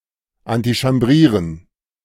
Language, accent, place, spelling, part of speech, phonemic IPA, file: German, Germany, Berlin, antichambrieren, verb, /antiʃamˈbʁiːʁən/, De-antichambrieren.ogg
- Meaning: to lobby, to bow and scrape